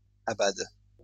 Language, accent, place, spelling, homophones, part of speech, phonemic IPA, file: French, France, Lyon, abades, abade / abadent, verb, /a.bad/, LL-Q150 (fra)-abades.wav
- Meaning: second-person singular present indicative/subjunctive of abader